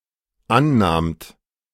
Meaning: second-person plural dependent preterite of annehmen
- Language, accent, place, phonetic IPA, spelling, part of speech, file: German, Germany, Berlin, [ˈanˌnaːmt], annahmt, verb, De-annahmt.ogg